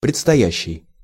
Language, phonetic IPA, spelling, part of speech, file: Russian, [prʲɪt͡stɐˈjæɕːɪj], предстоящий, verb / adjective, Ru-предстоящий.ogg
- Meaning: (verb) present active imperfective participle of предстоя́ть (predstojátʹ); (adjective) forthcoming, coming, imminent